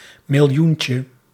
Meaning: diminutive of miljoen
- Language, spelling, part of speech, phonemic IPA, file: Dutch, miljoentje, noun, /mɪlˈjuɲcə/, Nl-miljoentje.ogg